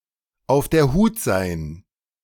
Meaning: to be on one's guard, to be on guard
- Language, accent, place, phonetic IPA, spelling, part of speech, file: German, Germany, Berlin, [aʊ̯f deːɐ̯ ˈhuːt zaɪ̯n], auf der Hut sein, phrase, De-auf der Hut sein.ogg